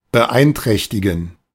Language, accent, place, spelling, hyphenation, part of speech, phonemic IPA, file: German, Germany, Berlin, beeinträchtigen, be‧ein‧träch‧ti‧gen, verb, /bəˈʔaɪ̯nˌtʁɛçtɪɡn̩/, De-beeinträchtigen.ogg
- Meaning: to impair, to negatively affect (a quality, ability, experience)